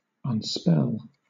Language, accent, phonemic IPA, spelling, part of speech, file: English, Southern England, /ʌnˈspɛl/, unspell, verb, LL-Q1860 (eng)-unspell.wav
- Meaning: To break the power of (a spell); to release (a person) from the influence of a spell; to disenchant